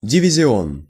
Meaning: 1. battalion (in artillery or cavalry) 2. squadron
- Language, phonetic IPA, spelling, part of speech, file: Russian, [dʲɪvʲɪzʲɪˈon], дивизион, noun, Ru-дивизион.ogg